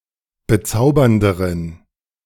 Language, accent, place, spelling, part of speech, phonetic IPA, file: German, Germany, Berlin, bezaubernderen, adjective, [bəˈt͡saʊ̯bɐndəʁən], De-bezaubernderen.ogg
- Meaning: inflection of bezaubernd: 1. strong genitive masculine/neuter singular comparative degree 2. weak/mixed genitive/dative all-gender singular comparative degree